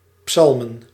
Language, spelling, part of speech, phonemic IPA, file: Dutch, psalmen, noun, /ˈpsɑlmə(n)/, Nl-psalmen.ogg
- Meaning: plural of psalm